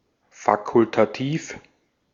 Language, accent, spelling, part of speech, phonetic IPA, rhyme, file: German, Austria, fakultativ, adjective, [ˌfakʊltaˈtiːf], -iːf, De-at-fakultativ.ogg
- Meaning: optional, facultative